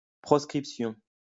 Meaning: 1. Condemnation made against political opponents, especially the Roman antiquity and during the French Revolution 2. banishment of a person or group 3. Proscription (2)
- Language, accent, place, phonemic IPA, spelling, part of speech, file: French, France, Lyon, /pʁɔs.kʁip.sjɔ̃/, proscription, noun, LL-Q150 (fra)-proscription.wav